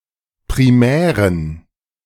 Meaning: inflection of primär: 1. strong genitive masculine/neuter singular 2. weak/mixed genitive/dative all-gender singular 3. strong/weak/mixed accusative masculine singular 4. strong dative plural
- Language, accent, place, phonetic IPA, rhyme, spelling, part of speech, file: German, Germany, Berlin, [pʁiˈmɛːʁən], -ɛːʁən, primären, adjective, De-primären.ogg